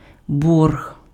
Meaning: 1. debt 2. arrears
- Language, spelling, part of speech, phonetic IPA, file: Ukrainian, борг, noun, [bɔrɦ], Uk-борг.ogg